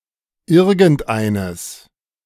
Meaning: masculine/neuter genitive singular of irgendein
- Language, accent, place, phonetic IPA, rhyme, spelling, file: German, Germany, Berlin, [ˈɪʁɡn̩tˈʔaɪ̯nəs], -aɪ̯nəs, irgendeines, De-irgendeines.ogg